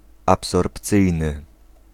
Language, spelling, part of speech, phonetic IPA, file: Polish, absorpcyjny, adjective, [ˌapsɔrpˈt͡sɨjnɨ], Pl-absorpcyjny.ogg